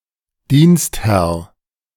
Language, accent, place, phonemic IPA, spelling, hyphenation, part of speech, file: German, Germany, Berlin, /ˈdiːnstˌhɛʁ/, Dienstherr, Dienst‧herr, noun, De-Dienstherr.ogg
- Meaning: 1. the patron in an employment relationship or other service hirer 2. the legal body under which a public servant (Beamter) operates